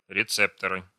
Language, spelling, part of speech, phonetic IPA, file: Russian, рецепторы, noun, [rʲɪˈt͡sɛptərɨ], Ru-рецепторы.ogg
- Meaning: nominative/accusative plural of реце́птор (recéptor)